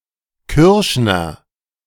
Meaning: furrier, peltmonger (male or unspecified)
- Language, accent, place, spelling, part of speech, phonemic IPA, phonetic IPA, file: German, Germany, Berlin, Kürschner, noun, /ˈkʏʁʃnəʁ/, [ˈkʏɐ̯ʃ.nɐ], De-Kürschner.ogg